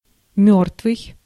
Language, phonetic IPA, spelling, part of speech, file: Russian, [ˈmʲɵrtvɨj], мёртвый, adjective / noun, Ru-мёртвый.ogg
- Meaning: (adjective) 1. dead 2. lifeless; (noun) dead man